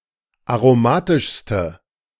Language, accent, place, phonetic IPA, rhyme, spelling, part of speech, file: German, Germany, Berlin, [aʁoˈmaːtɪʃstə], -aːtɪʃstə, aromatischste, adjective, De-aromatischste.ogg
- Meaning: inflection of aromatisch: 1. strong/mixed nominative/accusative feminine singular superlative degree 2. strong nominative/accusative plural superlative degree